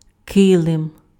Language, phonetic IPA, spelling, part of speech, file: Ukrainian, [ˈkɪɫem], килим, noun, Uk-килим.ogg
- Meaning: 1. rug, carpet 2. tapestry, gobelin, wall hanging